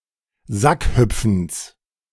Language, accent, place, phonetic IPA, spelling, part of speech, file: German, Germany, Berlin, [ˈzakˌhʏp͡fn̩s], Sackhüpfens, noun, De-Sackhüpfens.ogg
- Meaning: genitive singular of Sackhüpfen